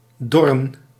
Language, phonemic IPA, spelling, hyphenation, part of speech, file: Dutch, /ˈdɔ.rə(n)/, dorren, dor‧ren, verb, Nl-dorren.ogg
- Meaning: 1. to wither 2. to dry 3. to dry out